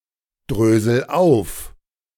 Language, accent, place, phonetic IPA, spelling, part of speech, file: German, Germany, Berlin, [ˌdʁøːzl̩ ˈaʊ̯f], drösel auf, verb, De-drösel auf.ogg
- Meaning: inflection of aufdröseln: 1. first-person singular present 2. singular imperative